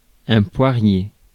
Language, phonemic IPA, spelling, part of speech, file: French, /pwa.ʁje/, poirier, noun, Fr-poirier.ogg
- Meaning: 1. pear tree 2. headstand